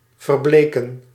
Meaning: to fade, to pale
- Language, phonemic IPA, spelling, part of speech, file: Dutch, /vərˈblekə(n)/, verbleken, verb, Nl-verbleken.ogg